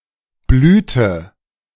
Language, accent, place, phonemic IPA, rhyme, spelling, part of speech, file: German, Germany, Berlin, /ˈblyːtə/, -yːtə, Blüte, noun, De-Blüte.ogg
- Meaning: 1. blossom, flower (reproductive structure on plants, often scented and/or colourful) 2. bloom, blossom, florescence (flowering season)